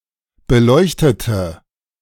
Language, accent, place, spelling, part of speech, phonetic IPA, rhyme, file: German, Germany, Berlin, beleuchtete, adjective / verb, [bəˈlɔɪ̯çtətə], -ɔɪ̯çtətə, De-beleuchtete.ogg
- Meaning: inflection of beleuchten: 1. first/third-person singular preterite 2. first/third-person singular subjunctive II